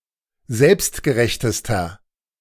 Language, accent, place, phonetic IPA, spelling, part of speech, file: German, Germany, Berlin, [ˈzɛlpstɡəˌʁɛçtəstɐ], selbstgerechtester, adjective, De-selbstgerechtester.ogg
- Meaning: inflection of selbstgerecht: 1. strong/mixed nominative masculine singular superlative degree 2. strong genitive/dative feminine singular superlative degree